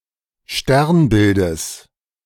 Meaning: genitive of Sternbild
- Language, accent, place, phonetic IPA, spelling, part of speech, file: German, Germany, Berlin, [ˈʃtɛʁnˌbɪldəs], Sternbildes, noun, De-Sternbildes.ogg